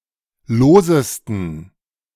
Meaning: 1. superlative degree of lose 2. inflection of lose: strong genitive masculine/neuter singular superlative degree
- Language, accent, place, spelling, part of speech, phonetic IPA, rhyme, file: German, Germany, Berlin, losesten, adjective, [ˈloːzəstn̩], -oːzəstn̩, De-losesten.ogg